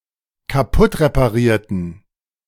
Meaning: inflection of kaputtreparieren: 1. first/third-person plural dependent preterite 2. first/third-person plural dependent subjunctive II
- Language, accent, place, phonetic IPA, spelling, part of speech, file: German, Germany, Berlin, [kaˈpʊtʁepaˌʁiːɐ̯tn̩], kaputtreparierten, adjective / verb, De-kaputtreparierten.ogg